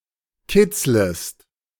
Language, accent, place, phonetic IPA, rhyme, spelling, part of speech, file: German, Germany, Berlin, [ˈkɪt͡sləst], -ɪt͡sləst, kitzlest, verb, De-kitzlest.ogg
- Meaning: second-person singular subjunctive I of kitzeln